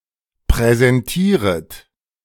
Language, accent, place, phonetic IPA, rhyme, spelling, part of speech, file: German, Germany, Berlin, [pʁɛzɛnˈtiːʁət], -iːʁət, präsentieret, verb, De-präsentieret.ogg
- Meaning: second-person plural subjunctive I of präsentieren